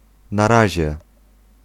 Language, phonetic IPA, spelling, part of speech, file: Polish, [na‿ˈraʑɛ], na razie, adverbial phrase / interjection, Pl-na razie.ogg